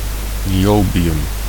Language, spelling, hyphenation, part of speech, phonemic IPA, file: Dutch, niobium, ni‧o‧bi‧um, noun, /ˌniˈoː.bi.ʏm/, Nl-niobium.ogg
- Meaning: niobium (chemical element)